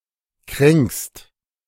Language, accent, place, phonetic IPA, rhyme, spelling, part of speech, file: German, Germany, Berlin, [kʁɛŋkst], -ɛŋkst, kränkst, verb, De-kränkst.ogg
- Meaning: second-person singular present of kränken